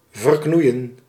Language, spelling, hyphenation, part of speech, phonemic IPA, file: Dutch, verknoeien, ver‧knoe‧ien, verb, /vərˈknui̯ə(n)/, Nl-verknoeien.ogg
- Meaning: to mess up (to botch, bungle)